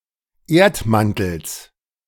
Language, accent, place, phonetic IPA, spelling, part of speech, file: German, Germany, Berlin, [ˈeːɐ̯tˌmantl̩s], Erdmantels, noun, De-Erdmantels.ogg
- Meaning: genitive singular of Erdmantel